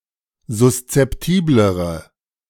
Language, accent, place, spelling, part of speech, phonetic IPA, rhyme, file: German, Germany, Berlin, suszeptiblere, adjective, [zʊst͡sɛpˈtiːbləʁə], -iːbləʁə, De-suszeptiblere.ogg
- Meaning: inflection of suszeptibel: 1. strong/mixed nominative/accusative feminine singular comparative degree 2. strong nominative/accusative plural comparative degree